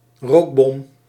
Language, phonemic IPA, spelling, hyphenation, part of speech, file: Dutch, /ˈroːk.bɔm/, rookbom, rook‧bom, noun, Nl-rookbom.ogg
- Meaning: a smoke bomb